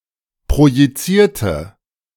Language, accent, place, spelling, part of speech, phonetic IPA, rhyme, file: German, Germany, Berlin, projizierte, adjective / verb, [pʁojiˈt͡siːɐ̯tə], -iːɐ̯tə, De-projizierte.ogg
- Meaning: inflection of projizieren: 1. first/third-person singular preterite 2. first/third-person singular subjunctive II